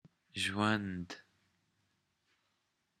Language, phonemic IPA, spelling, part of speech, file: Pashto, /ʒwənd̪/, ژوند, noun, Zhwand.wav
- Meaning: life